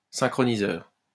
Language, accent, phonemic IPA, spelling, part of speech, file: French, France, /sɛ̃.kʁɔ.ni.zœʁ/, synchroniseur, noun, LL-Q150 (fra)-synchroniseur.wav
- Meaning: synchronizer